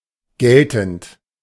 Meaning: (verb) present participle of gelten; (adjective) 1. applicable 2. valid 3. current 4. effective
- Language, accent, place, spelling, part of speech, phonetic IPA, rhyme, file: German, Germany, Berlin, geltend, verb, [ˈɡɛltn̩t], -ɛltn̩t, De-geltend.ogg